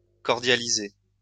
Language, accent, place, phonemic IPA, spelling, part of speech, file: French, France, Lyon, /kɔʁ.dja.li.ze/, cordialiser, verb, LL-Q150 (fra)-cordialiser.wav
- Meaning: to cordialize